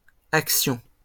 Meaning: plural of action
- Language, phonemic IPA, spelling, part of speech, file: French, /ak.sjɔ̃/, actions, noun, LL-Q150 (fra)-actions.wav